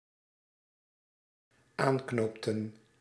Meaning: inflection of aanknopen: 1. plural dependent-clause past indicative 2. plural dependent-clause past subjunctive
- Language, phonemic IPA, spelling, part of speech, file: Dutch, /ˈaŋknoptə(n)/, aanknoopten, verb, Nl-aanknoopten.ogg